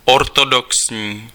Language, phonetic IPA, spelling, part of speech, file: Czech, [ˈortodoksɲiː], ortodoxní, adjective, Cs-ortodoxní.ogg
- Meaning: orthodox